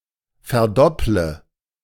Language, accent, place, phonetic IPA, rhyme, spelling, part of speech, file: German, Germany, Berlin, [fɛɐ̯ˈdɔplə], -ɔplə, verdopple, verb, De-verdopple.ogg
- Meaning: inflection of verdoppeln: 1. first-person singular present 2. first/third-person singular subjunctive I 3. singular imperative